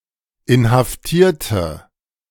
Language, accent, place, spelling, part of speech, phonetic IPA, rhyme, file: German, Germany, Berlin, inhaftierte, adjective / verb, [ɪnhafˈtiːɐ̯tə], -iːɐ̯tə, De-inhaftierte.ogg
- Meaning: inflection of inhaftieren: 1. first/third-person singular preterite 2. first/third-person singular subjunctive II